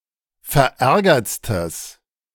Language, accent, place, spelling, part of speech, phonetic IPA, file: German, Germany, Berlin, verärgertstes, adjective, [fɛɐ̯ˈʔɛʁɡɐt͡stəs], De-verärgertstes.ogg
- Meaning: strong/mixed nominative/accusative neuter singular superlative degree of verärgert